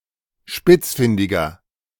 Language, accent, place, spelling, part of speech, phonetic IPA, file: German, Germany, Berlin, spitzfindiger, adjective, [ˈʃpɪt͡sˌfɪndɪɡɐ], De-spitzfindiger.ogg
- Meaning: 1. comparative degree of spitzfindig 2. inflection of spitzfindig: strong/mixed nominative masculine singular 3. inflection of spitzfindig: strong genitive/dative feminine singular